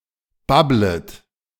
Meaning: second-person plural subjunctive I of babbeln
- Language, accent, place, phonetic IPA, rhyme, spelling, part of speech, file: German, Germany, Berlin, [ˈbablət], -ablət, babblet, verb, De-babblet.ogg